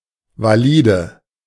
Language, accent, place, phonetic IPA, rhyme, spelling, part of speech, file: German, Germany, Berlin, [vaˈliːdə], -iːdə, valide, adjective, De-valide.ogg
- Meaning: inflection of valid: 1. strong/mixed nominative/accusative feminine singular 2. strong nominative/accusative plural 3. weak nominative all-gender singular 4. weak accusative feminine/neuter singular